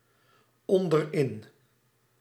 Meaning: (preposition) at/in the bottom of; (adverb) at/in the bottom
- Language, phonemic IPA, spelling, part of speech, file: Dutch, /ˌɔndəˈrɪn/, onderin, adverb, Nl-onderin.ogg